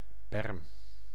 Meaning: berm, verge, roadside (strip of land next to a road, street or sidewalk)
- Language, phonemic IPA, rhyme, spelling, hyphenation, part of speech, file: Dutch, /bɛrm/, -ɛrm, berm, berm, noun, Nl-berm.ogg